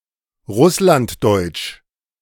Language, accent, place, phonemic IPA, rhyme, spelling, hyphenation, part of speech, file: German, Germany, Berlin, /ˈʁʊslantˌdɔɪ̯t͡ʃ/, -ɔɪ̯t͡ʃ, russlanddeutsch, russ‧land‧deutsch, adjective, De-russlanddeutsch.ogg
- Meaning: Russia German (of or pertaining to the Russia Germans / Russian Germans or their languages)